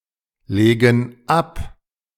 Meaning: inflection of ablegen: 1. first/third-person plural present 2. first/third-person plural subjunctive I
- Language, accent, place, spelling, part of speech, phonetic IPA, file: German, Germany, Berlin, legen ab, verb, [ˌleːɡn̩ ˈap], De-legen ab.ogg